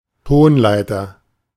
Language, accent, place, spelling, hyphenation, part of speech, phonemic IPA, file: German, Germany, Berlin, Tonleiter, Ton‧lei‧ter, noun, /ˈtoːnˌlaɪ̯tɐ/, De-Tonleiter.ogg
- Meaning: musical scale (series of notes)